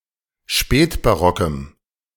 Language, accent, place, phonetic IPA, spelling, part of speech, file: German, Germany, Berlin, [ˈʃpɛːtbaˌʁɔkəm], spätbarockem, adjective, De-spätbarockem.ogg
- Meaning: strong dative masculine/neuter singular of spätbarock